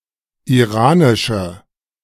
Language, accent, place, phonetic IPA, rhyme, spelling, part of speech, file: German, Germany, Berlin, [iˈʁaːnɪʃə], -aːnɪʃə, iranische, adjective, De-iranische.ogg
- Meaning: inflection of iranisch: 1. strong/mixed nominative/accusative feminine singular 2. strong nominative/accusative plural 3. weak nominative all-gender singular